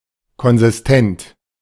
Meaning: consistent (not logically contradictory)
- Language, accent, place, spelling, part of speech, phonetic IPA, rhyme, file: German, Germany, Berlin, konsistent, adjective, [kɔnzɪsˈtɛnt], -ɛnt, De-konsistent.ogg